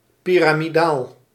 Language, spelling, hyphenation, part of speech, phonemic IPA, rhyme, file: Dutch, piramidaal, pi‧ra‧mi‧daal, adjective, /ˌpi.raː.miˈdaːl/, -aːl, Nl-piramidaal.ogg
- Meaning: 1. pyramidal, pyramid-shaped 2. enormous, huge